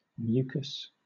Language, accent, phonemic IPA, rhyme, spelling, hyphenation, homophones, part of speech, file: English, Southern England, /ˈmjuːkəs/, -uːkəs, mucous, mu‧cous, mucus, adjective, LL-Q1860 (eng)-mucous.wav
- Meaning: 1. Pertaining to mucus 2. Having the qualities of mucus; resembling mucus